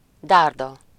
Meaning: 1. spear (long stick with a sharp tip) 2. penis
- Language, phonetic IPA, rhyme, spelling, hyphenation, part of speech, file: Hungarian, [ˈdaːrdɒ], -dɒ, dárda, dár‧da, noun, Hu-dárda.ogg